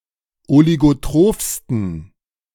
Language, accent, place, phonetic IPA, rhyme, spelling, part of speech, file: German, Germany, Berlin, [oliɡoˈtʁoːfstn̩], -oːfstn̩, oligotrophsten, adjective, De-oligotrophsten.ogg
- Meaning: 1. superlative degree of oligotroph 2. inflection of oligotroph: strong genitive masculine/neuter singular superlative degree